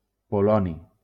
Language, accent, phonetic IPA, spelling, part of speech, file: Catalan, Valencia, [poˈlɔ.ni], poloni, noun, LL-Q7026 (cat)-poloni.wav
- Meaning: polonium